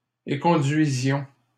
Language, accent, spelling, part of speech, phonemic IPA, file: French, Canada, éconduisions, verb, /e.kɔ̃.dɥi.zjɔ̃/, LL-Q150 (fra)-éconduisions.wav
- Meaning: inflection of éconduire: 1. first-person plural imperfect indicative 2. first-person plural present subjunctive